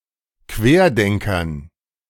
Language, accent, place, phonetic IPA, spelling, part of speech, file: German, Germany, Berlin, [ˈkveːɐ̯ˌdɛŋkɐn], Querdenkern, noun, De-Querdenkern.ogg
- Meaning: dative plural of Querdenker